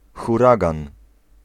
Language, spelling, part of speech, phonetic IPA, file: Polish, huragan, noun, [xuˈraɡãn], Pl-huragan.ogg